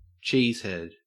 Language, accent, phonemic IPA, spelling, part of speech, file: English, Australia, /ˈt͡ʃiːzˌhɛd/, cheesehead, noun, En-au-cheesehead.ogg
- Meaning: 1. A person from the state of Wisconsin 2. A fan of the Green Bay Packers (an American football team of Wisconsin), some of whom wear foam hats shaped like wedges of cheese